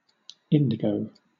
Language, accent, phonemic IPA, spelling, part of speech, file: English, Southern England, /ˈɪn.dɪˌɡəʊ/, indigo, noun / adjective, LL-Q1860 (eng)-indigo.wav
- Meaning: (noun) 1. A purplish-blue color 2. A greenish dark blue color; the color of indigo dye 3. A blue-colored dye obtained from certain plants (indigo plant or woad), or a similar synthetic dye